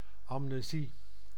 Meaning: amnesia
- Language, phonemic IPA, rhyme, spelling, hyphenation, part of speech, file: Dutch, /ɑmneːˈzi/, -i, amnesie, am‧ne‧sie, noun, Nl-amnesie.ogg